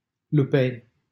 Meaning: 1. a commune of Harghita County, Romania 2. a village in Lupeni, Harghita County, Romania 3. a city in Hunedoara County, Romania
- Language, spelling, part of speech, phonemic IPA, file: Romanian, Lupeni, proper noun, /luˈpenʲ/, LL-Q7913 (ron)-Lupeni.wav